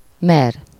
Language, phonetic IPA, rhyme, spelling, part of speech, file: Hungarian, [ˈmɛr], -ɛr, mer, verb, Hu-mer.ogg
- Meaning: 1. to dare (to have the courage to do something) 2. to ladle, scoop (to get some liquid or grainy substance out of somewhere by turning in a bowl-shaped object and let it fill)